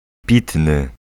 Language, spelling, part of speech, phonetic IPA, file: Polish, pitny, adjective, [ˈpʲitnɨ], Pl-pitny.ogg